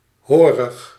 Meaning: serfish; related to serfs or serfdom
- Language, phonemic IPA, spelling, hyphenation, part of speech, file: Dutch, /ˈɦoː.rəx/, horig, ho‧rig, adjective, Nl-horig.ogg